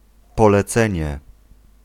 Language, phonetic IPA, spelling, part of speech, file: Polish, [ˌpɔlɛˈt͡sɛ̃ɲɛ], polecenie, noun, Pl-polecenie.ogg